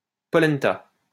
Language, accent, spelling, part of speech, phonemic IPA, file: French, France, polenta, noun, /pɔ.lɛn.ta/, LL-Q150 (fra)-polenta.wav
- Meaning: polenta